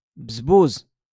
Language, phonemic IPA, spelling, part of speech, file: Moroccan Arabic, /baz.buːz/, بزبوز, noun, LL-Q56426 (ary)-بزبوز.wav
- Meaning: tap, faucet